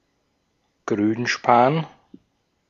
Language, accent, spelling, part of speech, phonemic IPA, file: German, Austria, Grünspan, noun, /ˈɡʁyːnˌʃpaːn/, De-at-Grünspan.ogg
- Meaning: 1. copper acetate, Cuprum aceticum 2. verdigris